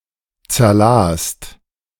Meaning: second-person singular/plural preterite of zerlesen
- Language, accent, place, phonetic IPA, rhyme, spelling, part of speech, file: German, Germany, Berlin, [t͡sɛɐ̯ˈlaːst], -aːst, zerlast, verb, De-zerlast.ogg